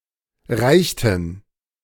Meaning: inflection of reichen: 1. first/third-person plural preterite 2. first/third-person plural subjunctive II
- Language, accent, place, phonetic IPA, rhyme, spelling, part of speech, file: German, Germany, Berlin, [ˈʁaɪ̯çtn̩], -aɪ̯çtn̩, reichten, verb, De-reichten.ogg